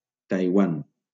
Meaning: 1. Taiwan (a partly-recognized country in East Asia consisting of a main island and 167 smaller islands) 2. Taiwan (an island between the Taiwan Strait and Philippine Sea in East Asia)
- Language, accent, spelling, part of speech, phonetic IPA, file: Catalan, Valencia, Taiwan, proper noun, [tajˈwan], LL-Q7026 (cat)-Taiwan.wav